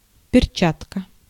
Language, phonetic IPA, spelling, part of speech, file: Russian, [pʲɪrˈt͡ɕatkə], перчатка, noun, Ru-перчатка.ogg
- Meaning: 1. glove (with separate sheaths for each finger), gauntlet 2. snakes alive, fifty-five in the lotto game